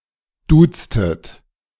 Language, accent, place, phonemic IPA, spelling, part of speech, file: German, Germany, Berlin, /ˈduːtstət/, duztet, verb, De-duztet.ogg
- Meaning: inflection of duzen: 1. second-person plural preterite 2. second-person plural subjunctive II